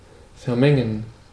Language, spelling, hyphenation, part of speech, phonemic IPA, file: German, vermengen, ver‧men‧gen, verb, /fɛʁˈmɛŋən/, De-vermengen.ogg
- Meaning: to mix (stir two or more substances together)